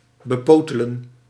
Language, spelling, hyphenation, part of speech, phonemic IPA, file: Dutch, bepotelen, be‧po‧te‧len, verb, /bəˈpoː.tə.lə(n)/, Nl-bepotelen.ogg
- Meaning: 1. to grope, to touch sexually 2. to get one's hands on, to handle, to control